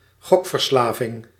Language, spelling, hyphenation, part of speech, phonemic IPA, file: Dutch, gokverslaving, gok‧ver‧sla‧ving, noun, /ˈɣɔk.fərˌslaː.vɪŋ/, Nl-gokverslaving.ogg
- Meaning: gambling addiction